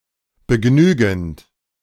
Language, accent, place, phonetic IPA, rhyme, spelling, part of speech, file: German, Germany, Berlin, [bəˈɡnyːɡn̩t], -yːɡn̩t, begnügend, verb, De-begnügend.ogg
- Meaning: present participle of begnügen